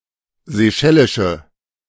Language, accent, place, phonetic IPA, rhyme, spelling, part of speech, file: German, Germany, Berlin, [zeˈʃɛlɪʃə], -ɛlɪʃə, seychellische, adjective, De-seychellische.ogg
- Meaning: inflection of seychellisch: 1. strong/mixed nominative/accusative feminine singular 2. strong nominative/accusative plural 3. weak nominative all-gender singular